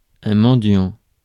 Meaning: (noun) 1. a beggar 2. a traditional Christmas confection, a chocolate disc studded with nuts and dried fruits representing the various mendicant monastic orders
- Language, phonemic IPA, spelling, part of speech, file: French, /mɑ̃.djɑ̃/, mendiant, noun / verb, Fr-mendiant.ogg